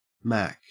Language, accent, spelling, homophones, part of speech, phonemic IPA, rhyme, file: English, Australia, Mack, Mc- / Mac, proper noun / noun, /mæk/, -æk, En-au-Mack.ogg
- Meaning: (proper noun) 1. Synonym of guy, term of address for a man or person 2. A diminutive of the male given name Max 3. A surname 4. The Mackintosh Building at the Glasgow School of Art, Scotland